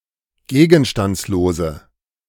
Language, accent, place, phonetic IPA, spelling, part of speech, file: German, Germany, Berlin, [ˈɡeːɡn̩ʃtant͡sloːzə], gegenstandslose, adjective, De-gegenstandslose.ogg
- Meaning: inflection of gegenstandslos: 1. strong/mixed nominative/accusative feminine singular 2. strong nominative/accusative plural 3. weak nominative all-gender singular